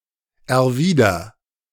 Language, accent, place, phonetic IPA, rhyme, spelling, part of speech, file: German, Germany, Berlin, [ɛɐ̯ˈviːdɐ], -iːdɐ, erwider, verb, De-erwider.ogg
- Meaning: inflection of erwidern: 1. first-person singular present 2. singular imperative